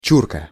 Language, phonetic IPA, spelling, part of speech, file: Russian, [ˈt͡ɕurkə], чурка, noun, Ru-чурка.ogg
- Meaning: 1. chock, block of wood, a small, severed part of a tree 2. dumb, uneducated person, dullard, booby 3. immigrant from Central Asia or the Caucasus, wog